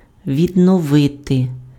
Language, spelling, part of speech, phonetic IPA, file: Ukrainian, відновити, verb, [ʋʲidnɔˈʋɪte], Uk-відновити.ogg
- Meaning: 1. to renew, to resume, to recommence 2. to restore, to reestablish, to reinstate, to revive